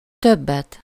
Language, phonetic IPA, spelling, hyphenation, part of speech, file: Hungarian, [ˈtøbːɛt], többet, töb‧bet, noun / adverb, Hu-többet.ogg
- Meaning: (noun) accusative singular of több; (adverb) comparative degree of sokat